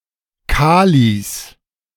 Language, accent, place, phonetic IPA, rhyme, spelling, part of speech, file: German, Germany, Berlin, [ˈkaːlis], -aːlis, Kalis, noun, De-Kalis.ogg
- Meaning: plural of Kali